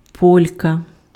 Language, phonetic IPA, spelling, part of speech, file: Ukrainian, [ˈpɔlʲkɐ], полька, noun, Uk-полька.ogg
- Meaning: 1. female Pole, Polish girl or woman 2. polka 3. polka (a haircut)